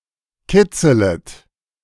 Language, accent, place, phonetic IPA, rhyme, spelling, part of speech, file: German, Germany, Berlin, [ˈkɪt͡sələt], -ɪt͡sələt, kitzelet, verb, De-kitzelet.ogg
- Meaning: second-person plural subjunctive I of kitzeln